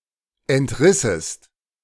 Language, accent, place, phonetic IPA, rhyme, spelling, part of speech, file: German, Germany, Berlin, [ɛntˈʁɪsəst], -ɪsəst, entrissest, verb, De-entrissest.ogg
- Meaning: second-person singular subjunctive II of entreißen